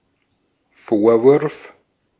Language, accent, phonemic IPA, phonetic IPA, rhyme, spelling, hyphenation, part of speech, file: German, Austria, /ˈfoːʁˌvʊʁf/, [ˈfoːɐ̯ˌvʊɐ̯f], -ʊʁf, Vorwurf, Vor‧wurf, noun, De-at-Vorwurf.ogg
- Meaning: 1. reproach 2. accusation